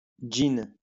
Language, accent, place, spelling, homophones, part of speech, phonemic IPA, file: French, France, Lyon, gin, djinn / jean, noun, /dʒin/, LL-Q150 (fra)-gin.wav
- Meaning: gin